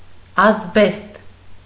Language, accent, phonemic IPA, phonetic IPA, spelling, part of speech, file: Armenian, Eastern Armenian, /ɑzˈbest/, [ɑzbést], ազբեստ, noun, Hy-ազբեստ.ogg
- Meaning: asbestos